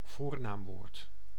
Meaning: pronoun
- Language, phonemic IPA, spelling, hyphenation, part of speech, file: Dutch, /ˈvoːr.naːmˌʋoːrt/, voornaamwoord, voor‧naam‧woord, noun, Nl-voornaamwoord.ogg